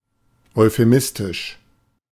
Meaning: euphemistic
- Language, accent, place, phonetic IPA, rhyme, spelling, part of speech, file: German, Germany, Berlin, [ɔɪ̯feˈmɪstɪʃ], -ɪstɪʃ, euphemistisch, adjective, De-euphemistisch.ogg